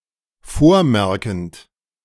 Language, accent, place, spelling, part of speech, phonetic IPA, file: German, Germany, Berlin, vormerkend, verb, [ˈfoːɐ̯ˌmɛʁkn̩t], De-vormerkend.ogg
- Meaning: present participle of vormerken